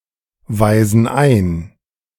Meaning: inflection of einweisen: 1. first/third-person plural present 2. first/third-person plural subjunctive I
- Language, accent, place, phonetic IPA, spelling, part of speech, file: German, Germany, Berlin, [ˌvaɪ̯zn̩ ˈaɪ̯n], weisen ein, verb, De-weisen ein.ogg